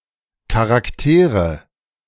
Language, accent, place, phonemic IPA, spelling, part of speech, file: German, Germany, Berlin, /ˌkaʁakˈteːʁə/, Charaktere, noun, De-Charaktere.ogg
- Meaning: nominative/accusative/genitive plural of Charakter